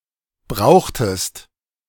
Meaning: inflection of brauchen: 1. second-person singular preterite 2. second-person singular subjunctive II
- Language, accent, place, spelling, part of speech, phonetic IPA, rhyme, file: German, Germany, Berlin, brauchtest, verb, [ˈbʁaʊ̯xtəst], -aʊ̯xtəst, De-brauchtest.ogg